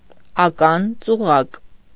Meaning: booby trap
- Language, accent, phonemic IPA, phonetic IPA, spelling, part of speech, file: Armenian, Eastern Armenian, /ɑˈkɑn t͡suˈʁɑk/, [ɑkɑ́n t͡suʁɑ́k], ական-ծուղակ, noun, Hy-ական-ծուղակ.ogg